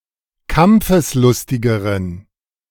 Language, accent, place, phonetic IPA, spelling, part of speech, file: German, Germany, Berlin, [ˈkamp͡fəsˌlʊstɪɡəʁən], kampfeslustigeren, adjective, De-kampfeslustigeren.ogg
- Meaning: inflection of kampfeslustig: 1. strong genitive masculine/neuter singular comparative degree 2. weak/mixed genitive/dative all-gender singular comparative degree